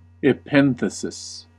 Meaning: The insertion of a phoneme, letter, or syllable into a word, usually to satisfy the phonological constraints of a language or poetic context
- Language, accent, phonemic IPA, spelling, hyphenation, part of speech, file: English, US, /ɪˈpɛn.θə.sɪs/, epenthesis, epen‧the‧sis, noun, En-us-epenthesis.ogg